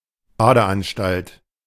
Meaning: bathhouse; public baths, swimming pool
- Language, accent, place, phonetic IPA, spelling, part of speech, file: German, Germany, Berlin, [ˈbaːdəˌʔanʃtalt], Badeanstalt, noun, De-Badeanstalt.ogg